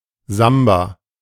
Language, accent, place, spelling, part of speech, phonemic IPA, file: German, Germany, Berlin, Samba, noun, /ˈzamba/, De-Samba.ogg
- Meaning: samba (Latin-American (Brazilian) dance)